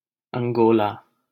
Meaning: Angola (a country in Southern Africa)
- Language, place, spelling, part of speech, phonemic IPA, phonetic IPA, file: Hindi, Delhi, अंगोला, proper noun, /əŋ.ɡoː.lɑː/, [ɐ̃ŋ.ɡoː.läː], LL-Q1568 (hin)-अंगोला.wav